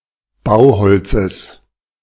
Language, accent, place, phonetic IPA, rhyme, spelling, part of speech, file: German, Germany, Berlin, [ˈbaʊ̯ˌhɔlt͡səs], -aʊ̯hɔlt͡səs, Bauholzes, noun, De-Bauholzes.ogg
- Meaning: genitive of Bauholz